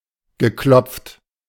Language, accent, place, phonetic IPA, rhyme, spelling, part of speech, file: German, Germany, Berlin, [ɡəˈklɔp͡ft], -ɔp͡ft, geklopft, verb, De-geklopft.ogg
- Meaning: past participle of klopfen